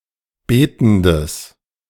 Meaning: strong/mixed nominative/accusative neuter singular of betend
- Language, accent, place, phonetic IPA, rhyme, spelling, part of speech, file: German, Germany, Berlin, [ˈbeːtn̩dəs], -eːtn̩dəs, betendes, adjective, De-betendes.ogg